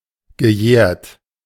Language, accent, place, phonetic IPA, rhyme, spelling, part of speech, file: German, Germany, Berlin, [ɡəˈjɛːɐ̯t], -ɛːɐ̯t, gejährt, verb, De-gejährt.ogg
- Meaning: past participle of jähren